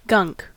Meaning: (noun) 1. Grime, dirt, slime; any vague, messy, or unknown substance 2. A subculture of 21st century American males, combining elements of modern gothic culture with punk rock
- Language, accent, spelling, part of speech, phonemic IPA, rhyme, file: English, US, gunk, noun / verb, /ɡʌŋk/, -ʌŋk, En-us-gunk.ogg